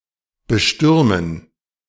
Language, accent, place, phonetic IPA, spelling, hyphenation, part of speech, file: German, Germany, Berlin, [bəˈʃtʏʁmən], bestürmen, be‧stür‧men, verb, De-bestürmen.ogg
- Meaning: 1. to assail 2. to charge